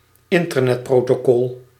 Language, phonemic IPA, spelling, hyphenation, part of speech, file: Dutch, /ˈɪn.tər.nɛt.proː.toːˌkɔl/, internetprotocol, in‧ter‧net‧pro‧to‧col, noun, Nl-internetprotocol.ogg
- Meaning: Internet Protocol